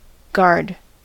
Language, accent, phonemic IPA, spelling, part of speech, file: English, General American, /ɡɑɹd/, guard, noun / verb, En-us-guard.ogg
- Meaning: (noun) 1. A person who, or thing that, protects or watches over something 2. A garda; a police officer 3. A squad responsible for protecting something